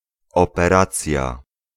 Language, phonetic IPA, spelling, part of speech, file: Polish, [ˌɔpɛˈrat͡sʲja], operacja, noun, Pl-operacja.ogg